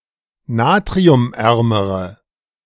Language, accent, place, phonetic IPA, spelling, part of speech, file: German, Germany, Berlin, [ˈnaːtʁiʊmˌʔɛʁməʁə], natriumärmere, adjective, De-natriumärmere.ogg
- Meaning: inflection of natriumarm: 1. strong/mixed nominative/accusative feminine singular comparative degree 2. strong nominative/accusative plural comparative degree